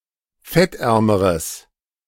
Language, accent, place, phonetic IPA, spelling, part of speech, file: German, Germany, Berlin, [ˈfɛtˌʔɛʁməʁəs], fettärmeres, adjective, De-fettärmeres.ogg
- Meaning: strong/mixed nominative/accusative neuter singular comparative degree of fettarm